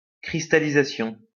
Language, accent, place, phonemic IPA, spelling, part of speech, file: French, France, Lyon, /kʁis.ta.li.za.sjɔ̃/, cristallisation, noun, LL-Q150 (fra)-cristallisation.wav
- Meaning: crystallization